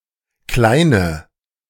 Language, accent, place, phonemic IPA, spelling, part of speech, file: German, Germany, Berlin, /ˈklaɪ̯nə/, kleine, adjective, De-kleine.ogg
- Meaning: inflection of klein: 1. strong/mixed nominative/accusative feminine singular 2. strong nominative/accusative plural 3. weak nominative all-gender singular 4. weak accusative feminine/neuter singular